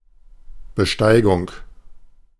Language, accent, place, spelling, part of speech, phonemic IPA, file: German, Germany, Berlin, Besteigung, noun, /bəˈʃtaɪ̯ɡʊŋ/, De-Besteigung.ogg
- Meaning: ascent